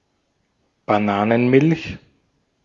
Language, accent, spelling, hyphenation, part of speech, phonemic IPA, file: German, Austria, Bananenmilch, Ba‧na‧nen‧milch, noun, /baˈnaːnənˌmɪlç/, De-at-Bananenmilch.ogg
- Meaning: banana milk (milk into which bananas have been puréed)